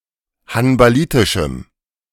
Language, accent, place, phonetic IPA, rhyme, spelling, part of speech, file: German, Germany, Berlin, [hanbaˈliːtɪʃm̩], -iːtɪʃm̩, hanbalitischem, adjective, De-hanbalitischem.ogg
- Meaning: strong dative masculine/neuter singular of hanbalitisch